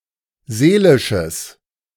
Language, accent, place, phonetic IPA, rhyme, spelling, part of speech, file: German, Germany, Berlin, [ˈzeːlɪʃəs], -eːlɪʃəs, seelisches, adjective, De-seelisches.ogg
- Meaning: strong/mixed nominative/accusative neuter singular of seelisch